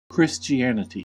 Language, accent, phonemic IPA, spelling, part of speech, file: English, US, /ˌkɹɪst͡ʃiˈænɪti/, Christianity, proper noun, En-us-Christianity.ogg
- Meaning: 1. An Abrahamic religion originating from the community of the followers of Jesus Christ 2. Protestantism (in contrast to Catholicism) 3. Christendom, the Christian world